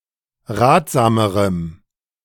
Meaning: strong dative masculine/neuter singular comparative degree of ratsam
- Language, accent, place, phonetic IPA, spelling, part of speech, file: German, Germany, Berlin, [ˈʁaːtz̥aːməʁəm], ratsamerem, adjective, De-ratsamerem.ogg